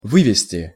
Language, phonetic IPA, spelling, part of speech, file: Russian, [ˈvɨvʲɪsʲtʲɪ], вывести, verb, Ru-вывести.ogg
- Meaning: 1. to take out, to lead out, to bring out, to move out; to help out (help someone to get off) 2. to withdraw, to call off (troops) 3. to derive, to conclude, to infer, to deduce 4. to remove